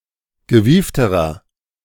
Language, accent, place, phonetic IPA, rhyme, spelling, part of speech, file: German, Germany, Berlin, [ɡəˈviːftəʁɐ], -iːftəʁɐ, gewiefterer, adjective, De-gewiefterer.ogg
- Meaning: inflection of gewieft: 1. strong/mixed nominative masculine singular comparative degree 2. strong genitive/dative feminine singular comparative degree 3. strong genitive plural comparative degree